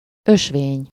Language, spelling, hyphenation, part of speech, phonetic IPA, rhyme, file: Hungarian, ösvény, ös‧vény, noun, [ˈøʃveːɲ], -eːɲ, Hu-ösvény.ogg
- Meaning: path (a trail for the use of, or worn by, pedestrians, especially in a natural environment)